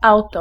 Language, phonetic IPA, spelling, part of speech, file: Polish, [ˈawtɔ], auto, noun, Pl-auto.ogg